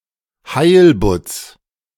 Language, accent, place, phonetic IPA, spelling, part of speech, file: German, Germany, Berlin, [ˈhaɪ̯lbʊt͡s], Heilbutts, noun, De-Heilbutts.ogg
- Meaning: genitive singular of Heilbutt